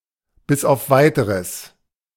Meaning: until further notice
- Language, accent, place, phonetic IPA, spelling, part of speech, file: German, Germany, Berlin, [bɪs aʊ̯f ˈvaɪ̯təʁəs], bis auf Weiteres, adverb, De-bis auf Weiteres.ogg